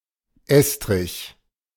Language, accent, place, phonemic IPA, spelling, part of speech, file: German, Germany, Berlin, /ˈɛstʁɪç/, Estrich, noun, De-Estrich.ogg
- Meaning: 1. screed, floor made of cement or plaster (as an intermediate layer below the flooring, or for immediate use) 2. attic 3. stone floor